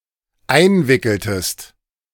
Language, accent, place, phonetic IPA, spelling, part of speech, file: German, Germany, Berlin, [ˈaɪ̯nˌvɪkl̩təst], einwickeltest, verb, De-einwickeltest.ogg
- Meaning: inflection of einwickeln: 1. second-person singular dependent preterite 2. second-person singular dependent subjunctive II